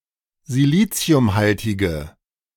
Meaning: inflection of siliziumhaltig: 1. strong/mixed nominative/accusative feminine singular 2. strong nominative/accusative plural 3. weak nominative all-gender singular
- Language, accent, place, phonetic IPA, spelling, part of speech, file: German, Germany, Berlin, [ziˈliːt͡si̯ʊmˌhaltɪɡə], siliziumhaltige, adjective, De-siliziumhaltige.ogg